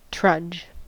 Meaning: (noun) A tramp, i.e. a long and tiring walk; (verb) 1. To walk wearily with heavy, slow steps 2. To trudge along or over a route etc
- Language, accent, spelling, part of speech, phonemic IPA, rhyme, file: English, US, trudge, noun / verb, /tɹʌd͡ʒ/, -ʌdʒ, En-us-trudge.ogg